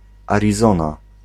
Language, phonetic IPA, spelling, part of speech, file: Polish, [ˌarʲiˈzɔ̃na], Arizona, proper noun, Pl-Arizona.ogg